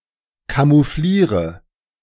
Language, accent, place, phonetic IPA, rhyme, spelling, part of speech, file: German, Germany, Berlin, [kamuˈfliːʁə], -iːʁə, camoufliere, verb, De-camoufliere.ogg
- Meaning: inflection of camouflieren: 1. first-person singular present 2. first/third-person singular subjunctive I 3. singular imperative